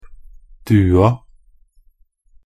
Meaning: definite feminine singular of due
- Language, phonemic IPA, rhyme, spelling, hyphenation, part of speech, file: Norwegian Bokmål, /ˈdʉːa/, -ʉːa, dua, du‧a, noun, Nb-dua.ogg